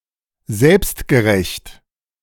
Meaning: self-righteous, self-satisfied, arrogant (excessively certain of one's own position, especially regarding morality)
- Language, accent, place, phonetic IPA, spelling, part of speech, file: German, Germany, Berlin, [ˈzɛlpstɡəˌʁɛçt], selbstgerecht, adjective, De-selbstgerecht.ogg